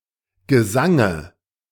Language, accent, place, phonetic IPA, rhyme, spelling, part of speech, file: German, Germany, Berlin, [ɡəˈzaŋə], -aŋə, Gesange, noun, De-Gesange.ogg
- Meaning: dative singular of Gesang